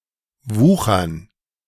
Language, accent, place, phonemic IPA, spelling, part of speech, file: German, Germany, Berlin, /ˈvuːxɐn/, wuchern, verb, De-wuchern.ogg
- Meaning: 1. to practise usury; to usure 2. to make profitable use (usually in a non-financial sense) 3. to overgrow 4. to develop metastases